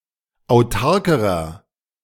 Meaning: inflection of autark: 1. strong/mixed nominative masculine singular comparative degree 2. strong genitive/dative feminine singular comparative degree 3. strong genitive plural comparative degree
- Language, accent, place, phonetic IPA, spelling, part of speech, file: German, Germany, Berlin, [aʊ̯ˈtaʁkəʁɐ], autarkerer, adjective, De-autarkerer.ogg